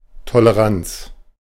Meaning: tolerance
- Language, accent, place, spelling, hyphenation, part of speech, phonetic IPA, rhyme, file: German, Germany, Berlin, Toleranz, To‧le‧ranz, noun, [toləˈʁant͡s], -ant͡s, De-Toleranz.ogg